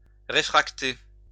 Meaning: to refract
- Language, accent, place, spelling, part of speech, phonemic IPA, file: French, France, Lyon, réfracter, verb, /ʁe.fʁak.te/, LL-Q150 (fra)-réfracter.wav